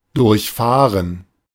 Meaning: 1. to drive 2. to break 3. to travel (to a destination) without stopping, to travel express (e.g. of a train)
- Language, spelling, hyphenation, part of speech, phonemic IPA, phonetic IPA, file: German, durchfahren, durch‧fah‧ren, verb, /ˈdʊʁçˌfaːʁən/, [ˈdʊɐ̯çˌfaːɐ̯n], De-durchfahren.ogg